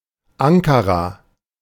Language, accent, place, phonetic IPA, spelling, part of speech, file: German, Germany, Berlin, [ˈaŋkaʁa], Ankara, proper noun, De-Ankara.ogg
- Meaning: 1. Ankara (the capital city of Turkey and the capital of Ankara Province) 2. Ankara (a province and metropolitan municipality in central Turkey around the city)